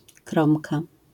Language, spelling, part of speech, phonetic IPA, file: Polish, kromka, noun, [ˈkrɔ̃mka], LL-Q809 (pol)-kromka.wav